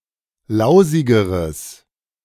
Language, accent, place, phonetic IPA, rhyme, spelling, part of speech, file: German, Germany, Berlin, [ˈlaʊ̯zɪɡəʁəs], -aʊ̯zɪɡəʁəs, lausigeres, adjective, De-lausigeres.ogg
- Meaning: strong/mixed nominative/accusative neuter singular comparative degree of lausig